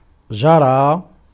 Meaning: 1. to run (to move quickly on two feet) 2. to run (to move quickly as a river), to flow 3. to blow (wind) 4. to take place, to happen 5. to make flow 6. to implement, to enforce
- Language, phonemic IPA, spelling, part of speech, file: Arabic, /d͡ʒa.raː/, جرى, verb, Ar-جرى.ogg